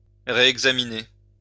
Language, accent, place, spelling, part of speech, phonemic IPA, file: French, France, Lyon, réexaminer, verb, /ʁe.ɛɡ.za.mi.ne/, LL-Q150 (fra)-réexaminer.wav
- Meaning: to reexamine